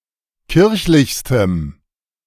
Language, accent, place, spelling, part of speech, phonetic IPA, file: German, Germany, Berlin, kirchlichstem, adjective, [ˈkɪʁçlɪçstəm], De-kirchlichstem.ogg
- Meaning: strong dative masculine/neuter singular superlative degree of kirchlich